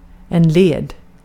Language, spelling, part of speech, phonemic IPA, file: Swedish, led, adjective / noun / verb, /leːd/, Sv-led.ogg
- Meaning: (adjective) 1. tired, bored 2. loathsome, odious 3. mean; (noun) joint; the part of a limb where it can bend; such as a knee or a wrist; phalanx